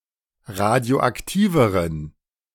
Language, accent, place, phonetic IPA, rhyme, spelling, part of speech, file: German, Germany, Berlin, [ˌʁadi̯oʔakˈtiːvəʁən], -iːvəʁən, radioaktiveren, adjective, De-radioaktiveren.ogg
- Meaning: inflection of radioaktiv: 1. strong genitive masculine/neuter singular comparative degree 2. weak/mixed genitive/dative all-gender singular comparative degree